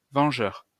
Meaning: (adjective) vengeful; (noun) avenger
- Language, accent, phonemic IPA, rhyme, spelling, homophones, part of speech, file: French, France, /vɑ̃.ʒœʁ/, -œʁ, vengeur, vangeur / vangeurs / vengeurs, adjective / noun, LL-Q150 (fra)-vengeur.wav